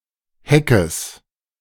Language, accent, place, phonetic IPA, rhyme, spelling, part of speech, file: German, Germany, Berlin, [ˈhɛkəs], -ɛkəs, Heckes, noun, De-Heckes.ogg
- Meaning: genitive singular of Heck